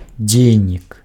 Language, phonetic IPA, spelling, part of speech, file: Belarusian, [ˈd͡zʲejnʲik], дзейнік, noun, Be-дзейнік.ogg
- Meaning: subject, agent